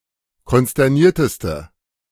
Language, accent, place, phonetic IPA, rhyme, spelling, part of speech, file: German, Germany, Berlin, [kɔnstɛʁˈniːɐ̯təstə], -iːɐ̯təstə, konsternierteste, adjective, De-konsternierteste.ogg
- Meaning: inflection of konsterniert: 1. strong/mixed nominative/accusative feminine singular superlative degree 2. strong nominative/accusative plural superlative degree